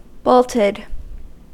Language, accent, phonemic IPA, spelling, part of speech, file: English, US, /ˈboʊltɪd/, bolted, verb, En-us-bolted.ogg
- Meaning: simple past and past participle of bolt